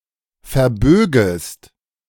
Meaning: second-person singular subjunctive I of verbiegen
- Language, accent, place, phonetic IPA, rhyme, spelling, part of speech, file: German, Germany, Berlin, [fɛɐ̯ˈbøːɡəst], -øːɡəst, verbögest, verb, De-verbögest.ogg